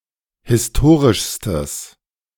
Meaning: strong/mixed nominative/accusative neuter singular superlative degree of historisch
- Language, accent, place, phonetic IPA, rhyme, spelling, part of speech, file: German, Germany, Berlin, [hɪsˈtoːʁɪʃstəs], -oːʁɪʃstəs, historischstes, adjective, De-historischstes.ogg